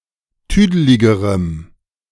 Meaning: strong dative masculine/neuter singular comparative degree of tüdelig
- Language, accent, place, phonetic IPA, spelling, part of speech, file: German, Germany, Berlin, [ˈtyːdəlɪɡəʁəm], tüdeligerem, adjective, De-tüdeligerem.ogg